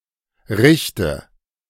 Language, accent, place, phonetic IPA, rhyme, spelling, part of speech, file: German, Germany, Berlin, [ˈʁɪçtə], -ɪçtə, richte, verb, De-richte.ogg
- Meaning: inflection of richten: 1. first-person singular present 2. first/third-person singular subjunctive I 3. singular imperative